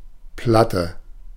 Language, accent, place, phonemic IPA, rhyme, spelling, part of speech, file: German, Germany, Berlin, /ˈplatə/, -atə, Platte, noun, De-Platte.ogg
- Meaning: 1. flat, thin, regularly (not necessarily circular) shaped object 2. A flat, fairly large serving plate, or (by extension) the food served on it